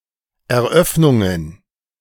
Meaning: plural of Eröffnung
- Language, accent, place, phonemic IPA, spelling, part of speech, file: German, Germany, Berlin, /ʔɛɐ̯ˈʔœfnʊŋən/, Eröffnungen, noun, De-Eröffnungen.ogg